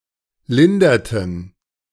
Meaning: inflection of lindern: 1. first/third-person plural preterite 2. first/third-person plural subjunctive II
- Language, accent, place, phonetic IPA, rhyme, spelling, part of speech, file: German, Germany, Berlin, [ˈlɪndɐtn̩], -ɪndɐtn̩, linderten, verb, De-linderten.ogg